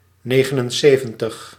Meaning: seventy-nine
- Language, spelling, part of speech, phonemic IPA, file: Dutch, negenenzeventig, numeral, /ˈneːɣənənˌseːvə(n)təx/, Nl-negenenzeventig.ogg